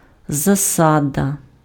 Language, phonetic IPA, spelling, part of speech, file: Ukrainian, [zɐˈsadɐ], засада, noun, Uk-засада.ogg
- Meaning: 1. ambush 2. base, basis, foundation